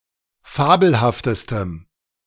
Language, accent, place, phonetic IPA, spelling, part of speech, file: German, Germany, Berlin, [ˈfaːbl̩haftəstəm], fabelhaftestem, adjective, De-fabelhaftestem.ogg
- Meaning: strong dative masculine/neuter singular superlative degree of fabelhaft